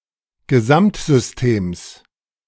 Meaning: genitive singular of Gesamtsystem
- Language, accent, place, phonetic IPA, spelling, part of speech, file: German, Germany, Berlin, [ɡəˈzamtzʏsˌteːms], Gesamtsystems, noun, De-Gesamtsystems.ogg